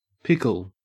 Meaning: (noun) 1. A cucumber preserved in a solution, usually a brine or a vinegar syrup 2. Any vegetable preserved in vinegar and consumed as relish 3. A sweet, vinegary pickled chutney popular in Britain
- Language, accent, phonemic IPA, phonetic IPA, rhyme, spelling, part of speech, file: English, Australia, /ˈpɪkəl/, [ˈpɪkɫ̩], -ɪkəl, pickle, noun / verb, En-au-pickle.ogg